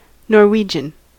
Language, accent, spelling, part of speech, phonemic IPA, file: English, US, Norwegian, proper noun / noun / adjective, /nɔɹˈwi.d͡ʒn̩/, En-us-Norwegian.ogg
- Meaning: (proper noun) The language of Norway, which has two official forms (written standards): Bokmål and Nynorsk